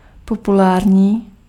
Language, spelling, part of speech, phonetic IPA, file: Czech, populární, adjective, [ˈpopulaːrɲiː], Cs-populární.ogg
- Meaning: popular